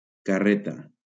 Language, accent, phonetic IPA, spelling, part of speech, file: Catalan, Valencia, [kaˈre.ta], carreta, noun, LL-Q7026 (cat)-carreta.wav
- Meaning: cart, dray